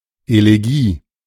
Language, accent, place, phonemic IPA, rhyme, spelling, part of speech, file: German, Germany, Berlin, /eleˈɡiː/, -iː, Elegie, noun, De-Elegie.ogg
- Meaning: elegy (mournful or plaintive poem or song)